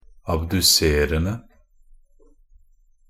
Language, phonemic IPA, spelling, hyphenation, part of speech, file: Norwegian Bokmål, /abdʉˈserən(d)ə/, abduserende, ab‧du‧ser‧en‧de, verb, Nb-abduserende.ogg
- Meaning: present participle of abdusere